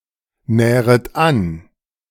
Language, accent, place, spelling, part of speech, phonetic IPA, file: German, Germany, Berlin, nähret an, verb, [ˌnɛːʁət ˈan], De-nähret an.ogg
- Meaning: second-person plural subjunctive I of annähern